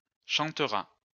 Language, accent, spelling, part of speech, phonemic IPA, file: French, France, chantera, verb, /ʃɑ̃.tʁa/, LL-Q150 (fra)-chantera.wav
- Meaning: third-person singular future of chanter